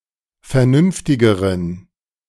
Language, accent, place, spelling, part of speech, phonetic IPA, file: German, Germany, Berlin, vernünftigeren, adjective, [fɛɐ̯ˈnʏnftɪɡəʁən], De-vernünftigeren.ogg
- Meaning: inflection of vernünftig: 1. strong genitive masculine/neuter singular comparative degree 2. weak/mixed genitive/dative all-gender singular comparative degree